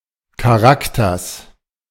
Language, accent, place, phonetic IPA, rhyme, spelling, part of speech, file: German, Germany, Berlin, [kaˈʁaktɐs], -aktɐs, Charakters, noun, De-Charakters.ogg
- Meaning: genitive singular of Charakter